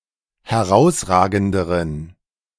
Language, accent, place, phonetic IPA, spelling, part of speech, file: German, Germany, Berlin, [hɛˈʁaʊ̯sˌʁaːɡn̩dəʁən], herausragenderen, adjective, De-herausragenderen.ogg
- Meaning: inflection of herausragend: 1. strong genitive masculine/neuter singular comparative degree 2. weak/mixed genitive/dative all-gender singular comparative degree